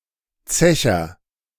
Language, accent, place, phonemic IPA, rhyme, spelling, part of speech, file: German, Germany, Berlin, /ˈt͡sɛçɐ/, -ɛçɐ, Zecher, noun, De-Zecher.ogg
- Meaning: agent noun of zechen; drinker, drunkard